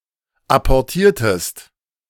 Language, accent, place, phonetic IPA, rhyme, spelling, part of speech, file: German, Germany, Berlin, [ˌapɔʁˈtiːɐ̯təst], -iːɐ̯təst, apportiertest, verb, De-apportiertest.ogg
- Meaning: inflection of apportieren: 1. second-person singular preterite 2. second-person singular subjunctive II